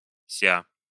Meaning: syncopic form of себя́ (sebjá)
- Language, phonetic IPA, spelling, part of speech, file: Russian, [sʲa], ся, pronoun, Ru-ся.ogg